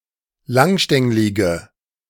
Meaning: inflection of langstänglig: 1. strong/mixed nominative/accusative feminine singular 2. strong nominative/accusative plural 3. weak nominative all-gender singular
- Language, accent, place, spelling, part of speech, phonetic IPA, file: German, Germany, Berlin, langstänglige, adjective, [ˈlaŋˌʃtɛŋlɪɡə], De-langstänglige.ogg